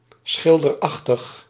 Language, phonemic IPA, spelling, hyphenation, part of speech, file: Dutch, /ˈsxɪl.dərˌɑx.təx/, schilderachtig, schil‧der‧ach‧tig, adjective, Nl-schilderachtig.ogg
- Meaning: picturesque